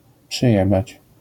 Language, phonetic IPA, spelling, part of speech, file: Polish, [pʃɨˈjɛbat͡ɕ], przyjebać, verb, LL-Q809 (pol)-przyjebać.wav